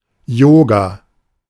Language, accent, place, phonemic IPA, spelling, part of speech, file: German, Germany, Berlin, /ˈjoːɡa/, Yoga, noun, De-Yoga.ogg
- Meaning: yoga (a Hindu discipline)